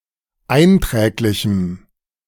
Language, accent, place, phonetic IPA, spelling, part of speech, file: German, Germany, Berlin, [ˈaɪ̯nˌtʁɛːklɪçm̩], einträglichem, adjective, De-einträglichem.ogg
- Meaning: strong dative masculine/neuter singular of einträglich